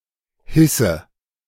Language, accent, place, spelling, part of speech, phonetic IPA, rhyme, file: German, Germany, Berlin, hisse, verb, [ˈhɪsə], -ɪsə, De-hisse.ogg
- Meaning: inflection of hissen: 1. first-person singular present 2. first/third-person singular subjunctive I 3. singular imperative